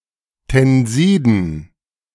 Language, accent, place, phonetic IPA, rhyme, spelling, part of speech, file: German, Germany, Berlin, [tɛnˈziːdn̩], -iːdn̩, Tensiden, noun, De-Tensiden.ogg
- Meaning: dative plural of Tensid